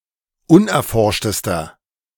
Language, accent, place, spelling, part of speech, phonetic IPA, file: German, Germany, Berlin, unerforschtester, adjective, [ˈʊnʔɛɐ̯ˌfɔʁʃtəstɐ], De-unerforschtester.ogg
- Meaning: inflection of unerforscht: 1. strong/mixed nominative masculine singular superlative degree 2. strong genitive/dative feminine singular superlative degree 3. strong genitive plural superlative degree